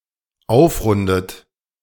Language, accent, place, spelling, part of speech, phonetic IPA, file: German, Germany, Berlin, aufrundet, verb, [ˈaʊ̯fˌʁʊndət], De-aufrundet.ogg
- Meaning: inflection of aufrunden: 1. third-person singular dependent present 2. second-person plural dependent present 3. second-person plural dependent subjunctive I